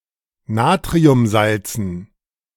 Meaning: dative plural of Natriumsalz
- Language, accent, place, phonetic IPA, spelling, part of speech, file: German, Germany, Berlin, [ˈnaːtʁiʊmˌzalt͡sn̩], Natriumsalzen, noun, De-Natriumsalzen.ogg